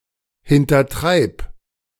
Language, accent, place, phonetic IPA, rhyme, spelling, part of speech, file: German, Germany, Berlin, [hɪntɐˈtʁaɪ̯p], -aɪ̯p, hintertreib, verb, De-hintertreib.ogg
- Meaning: singular imperative of hintertreiben